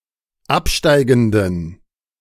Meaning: inflection of absteigend: 1. strong genitive masculine/neuter singular 2. weak/mixed genitive/dative all-gender singular 3. strong/weak/mixed accusative masculine singular 4. strong dative plural
- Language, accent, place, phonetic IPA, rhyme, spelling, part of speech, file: German, Germany, Berlin, [ˈapˌʃtaɪ̯ɡn̩dən], -apʃtaɪ̯ɡn̩dən, absteigenden, adjective, De-absteigenden.ogg